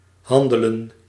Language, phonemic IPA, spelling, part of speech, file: Dutch, /ˈhɑndəldə(n)/, handelden, verb, Nl-handelden.ogg
- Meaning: inflection of handelen: 1. plural past indicative 2. plural past subjunctive